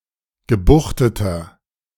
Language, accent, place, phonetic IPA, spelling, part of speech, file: German, Germany, Berlin, [ɡəˈbuxtətɐ], gebuchteter, adjective, De-gebuchteter.ogg
- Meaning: inflection of gebuchtet: 1. strong/mixed nominative masculine singular 2. strong genitive/dative feminine singular 3. strong genitive plural